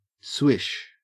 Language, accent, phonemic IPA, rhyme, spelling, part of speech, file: English, Australia, /swɪʃ/, -ɪʃ, swish, adjective / noun / verb / interjection, En-au-swish.ogg
- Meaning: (adjective) 1. sophisticated; fashionable; smooth 2. Attractive, stylish 3. Effeminate; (noun) A short rustling, hissing or whistling sound, often made by friction